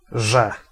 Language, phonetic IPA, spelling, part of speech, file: Polish, [ʒɛ], że, conjunction, Pl-że.ogg